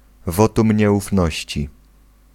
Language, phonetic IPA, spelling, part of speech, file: Polish, [ˈvɔtũmʲ ˌɲɛʷufˈnɔɕt͡ɕi], wotum nieufności, noun, Pl-wotum nieufności.ogg